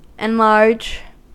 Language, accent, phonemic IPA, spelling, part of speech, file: English, US, /ɪnˈlɑɹd͡ʒ/, enlarge, verb, En-us-enlarge.ogg
- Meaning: 1. To make (something) larger 2. To grow larger 3. To increase the capacity of; to expand; to give free scope or greater scope to; also, to dilate, as with joy, affection, etc